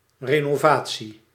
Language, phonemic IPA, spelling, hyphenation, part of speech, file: Dutch, /reː.noːˈvaː.(t)si/, renovatie, re‧no‧va‧tie, noun, Nl-renovatie.ogg
- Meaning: renovation